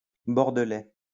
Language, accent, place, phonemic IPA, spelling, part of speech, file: French, France, Lyon, /bɔʁ.də.lɛ/, bordelais, adjective, LL-Q150 (fra)-bordelais.wav
- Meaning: from Bordeaux